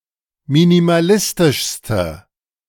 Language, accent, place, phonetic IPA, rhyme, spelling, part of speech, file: German, Germany, Berlin, [minimaˈlɪstɪʃstə], -ɪstɪʃstə, minimalistischste, adjective, De-minimalistischste.ogg
- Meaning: inflection of minimalistisch: 1. strong/mixed nominative/accusative feminine singular superlative degree 2. strong nominative/accusative plural superlative degree